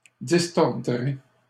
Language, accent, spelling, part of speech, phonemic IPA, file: French, Canada, distordrez, verb, /dis.tɔʁ.dʁe/, LL-Q150 (fra)-distordrez.wav
- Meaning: second-person plural simple future of distordre